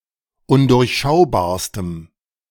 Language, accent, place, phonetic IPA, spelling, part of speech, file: German, Germany, Berlin, [ˈʊndʊʁçˌʃaʊ̯baːɐ̯stəm], undurchschaubarstem, adjective, De-undurchschaubarstem.ogg
- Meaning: strong dative masculine/neuter singular superlative degree of undurchschaubar